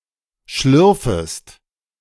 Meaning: second-person singular subjunctive I of schlürfen
- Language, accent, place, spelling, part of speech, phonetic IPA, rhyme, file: German, Germany, Berlin, schlürfest, verb, [ˈʃlʏʁfəst], -ʏʁfəst, De-schlürfest.ogg